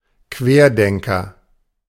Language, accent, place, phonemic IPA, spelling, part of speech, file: German, Germany, Berlin, /ˈkveːɐ̯ˌdɛŋkɐ/, Querdenker, noun, De-Querdenker.ogg
- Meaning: 1. lateral thinker, maverick, contrarian 2. anti-vaxxer, anti-masker (member of a movement opposing vaccination and other government policies)